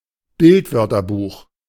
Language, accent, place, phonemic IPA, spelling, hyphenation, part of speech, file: German, Germany, Berlin, /ˈbɪltˌvœʁtɐbuːx/, Bildwörterbuch, Bild‧wör‧ter‧buch, noun, De-Bildwörterbuch.ogg
- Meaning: picture dictionary, visual dictionary